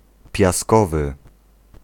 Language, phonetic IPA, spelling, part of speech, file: Polish, [pʲjaˈskɔvɨ], piaskowy, adjective, Pl-piaskowy.ogg